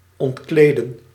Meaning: 1. to undress, disrobe someone or something 2. The reflexive form zich ontkleden is used as an intransitive form: To undress oneself, get naked 3. to 'dismantle' something by removing a cover
- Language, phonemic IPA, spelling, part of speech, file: Dutch, /ˌɔntˈkleː.də(n)/, ontkleden, verb, Nl-ontkleden.ogg